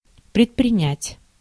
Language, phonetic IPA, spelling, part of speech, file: Russian, [prʲɪtprʲɪˈnʲætʲ], предпринять, verb, Ru-предпринять.ogg
- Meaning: to undertake, to endeavour